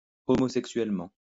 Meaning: homosexually
- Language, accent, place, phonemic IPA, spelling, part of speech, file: French, France, Lyon, /ɔ.mo.sɛk.sɥɛl.mɑ̃/, homosexuellement, adverb, LL-Q150 (fra)-homosexuellement.wav